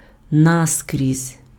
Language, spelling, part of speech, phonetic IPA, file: Ukrainian, наскрізь, adverb, [ˈnaskrʲizʲ], Uk-наскрізь.ogg
- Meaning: 1. right through, through 2. from end to end 3. throughout, through and through, to the core